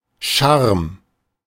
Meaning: charm (ability to attract, delight, or enchant)
- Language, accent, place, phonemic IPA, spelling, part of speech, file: German, Germany, Berlin, /ʃarm/, Charme, noun, De-Charme.ogg